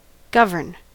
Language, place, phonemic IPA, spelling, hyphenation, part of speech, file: English, California, /ˈɡʌv.ɚn/, govern, gov‧ern, verb / noun, En-us-govern.ogg
- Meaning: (verb) 1. To make and administer the public policy and affairs of; to exercise sovereign authority in 2. To exercise political authority; to run a government